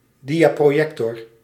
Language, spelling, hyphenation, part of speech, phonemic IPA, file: Dutch, diaprojector, dia‧pro‧jec‧tor, noun, /ˈdi.aː.proːˌjɛk.tɔr/, Nl-diaprojector.ogg
- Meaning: a slide projector